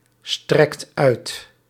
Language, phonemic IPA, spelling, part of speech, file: Dutch, /ˈstrɛkt ˈœyt/, strekt uit, verb, Nl-strekt uit.ogg
- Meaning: inflection of uitstrekken: 1. second/third-person singular present indicative 2. plural imperative